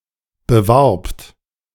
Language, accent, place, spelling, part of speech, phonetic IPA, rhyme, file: German, Germany, Berlin, bewarbt, verb, [bəˈvaʁpt], -aʁpt, De-bewarbt.ogg
- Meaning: second-person plural preterite of bewerben